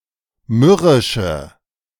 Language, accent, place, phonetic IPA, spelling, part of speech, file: German, Germany, Berlin, [ˈmʏʁɪʃə], mürrische, adjective, De-mürrische.ogg
- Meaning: inflection of mürrisch: 1. strong/mixed nominative/accusative feminine singular 2. strong nominative/accusative plural 3. weak nominative all-gender singular